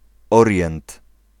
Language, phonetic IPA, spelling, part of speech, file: Polish, [ˈɔrʲjɛ̃nt], Orient, noun, Pl-Orient.ogg